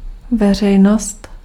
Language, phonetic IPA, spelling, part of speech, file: Czech, [ˈvɛr̝ɛjnost], veřejnost, noun, Cs-veřejnost.ogg
- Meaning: public